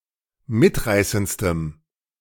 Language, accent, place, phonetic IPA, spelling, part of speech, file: German, Germany, Berlin, [ˈmɪtˌʁaɪ̯sənt͡stəm], mitreißendstem, adjective, De-mitreißendstem.ogg
- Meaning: strong dative masculine/neuter singular superlative degree of mitreißend